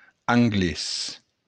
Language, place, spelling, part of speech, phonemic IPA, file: Occitan, Béarn, anglés, noun, /aŋˈɡles/, LL-Q14185 (oci)-anglés.wav
- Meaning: 1. the English language 2. an Englishman